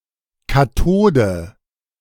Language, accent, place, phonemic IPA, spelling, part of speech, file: German, Germany, Berlin, /kaˈtoːdə/, Kathode, noun, De-Kathode.ogg
- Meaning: cathode